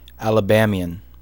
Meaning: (adjective) Pertaining to the American state Alabama, or its natives and residents; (noun) A native or resident of the state of Alabama in the United States of America
- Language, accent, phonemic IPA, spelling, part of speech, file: English, US, /ˌæləˈbæmi.ən/, Alabamian, adjective / noun, En-us-Alabamian.ogg